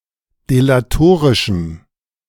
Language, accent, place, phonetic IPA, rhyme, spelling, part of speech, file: German, Germany, Berlin, [delaˈtoːʁɪʃm̩], -oːʁɪʃm̩, delatorischem, adjective, De-delatorischem.ogg
- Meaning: strong dative masculine/neuter singular of delatorisch